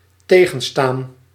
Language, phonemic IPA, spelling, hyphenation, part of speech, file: Dutch, /ˈteː.ɣə(n)ˌstaːn/, tegenstaan, te‧gen‧staan, verb, Nl-tegenstaan.ogg
- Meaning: 1. to resist, to oppose 2. to disgust